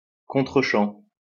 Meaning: reverse shot
- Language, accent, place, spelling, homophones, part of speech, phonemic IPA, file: French, France, Lyon, contrechamp, contre-chant, noun, /kɔ̃.tʁə.ʃɑ̃/, LL-Q150 (fra)-contrechamp.wav